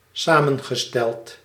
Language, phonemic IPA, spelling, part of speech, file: Dutch, /ˈsamə(n)ɣəˌstɛlt/, samengesteld, verb / adjective, Nl-samengesteld.ogg
- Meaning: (adjective) 1. compound 2. composed; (verb) past participle of samenstellen